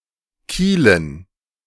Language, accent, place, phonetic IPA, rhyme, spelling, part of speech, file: German, Germany, Berlin, [ˈkiːlən], -iːlən, Kielen, noun, De-Kielen.ogg
- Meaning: dative plural of Kiel